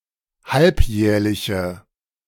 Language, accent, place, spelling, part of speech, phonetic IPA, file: German, Germany, Berlin, halbjährliche, adjective, [ˈhalpˌjɛːɐ̯lɪçə], De-halbjährliche.ogg
- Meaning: inflection of halbjährlich: 1. strong/mixed nominative/accusative feminine singular 2. strong nominative/accusative plural 3. weak nominative all-gender singular